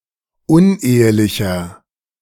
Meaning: inflection of unehelich: 1. strong/mixed nominative masculine singular 2. strong genitive/dative feminine singular 3. strong genitive plural
- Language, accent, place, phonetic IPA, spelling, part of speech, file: German, Germany, Berlin, [ˈʊnˌʔeːəlɪçɐ], unehelicher, adjective, De-unehelicher.ogg